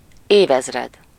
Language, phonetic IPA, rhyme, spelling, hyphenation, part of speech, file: Hungarian, [ˈeːvɛzrɛd], -ɛd, évezred, év‧ez‧red, noun, Hu-évezred.ogg
- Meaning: millennium